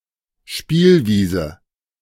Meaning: 1. playground, playing field 2. playground 3. sandbox
- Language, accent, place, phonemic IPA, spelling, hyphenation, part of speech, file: German, Germany, Berlin, /ˈʃpiːlviːzə/, Spielwiese, Spiel‧wie‧se, noun, De-Spielwiese.ogg